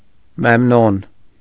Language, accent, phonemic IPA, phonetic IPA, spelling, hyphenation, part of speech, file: Armenian, Eastern Armenian, /memˈnon/, [memnón], Մեմնոն, Մեմ‧նոն, proper noun, Hy-Մեմնոն.ogg
- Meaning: Memnon